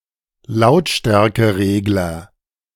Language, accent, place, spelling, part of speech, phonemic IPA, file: German, Germany, Berlin, Lautstärkeregler, noun, /ˈlaʊ̯tʃtɛʁkəˌʁeːɡlɐ/, De-Lautstärkeregler.ogg
- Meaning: loudness control, volume control button